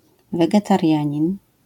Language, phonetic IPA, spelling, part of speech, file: Polish, [ˌvɛɡɛtarʲˈjä̃ɲĩn], wegetarianin, noun, LL-Q809 (pol)-wegetarianin.wav